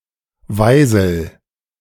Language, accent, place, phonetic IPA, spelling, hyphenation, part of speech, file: German, Germany, Berlin, [ˈvaɪ̯zl̩], Weisel, Wei‧sel, noun, De-Weisel.ogg
- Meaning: 1. queen bee 2. queen ant 3. nudge, boot (rejection or dismissal)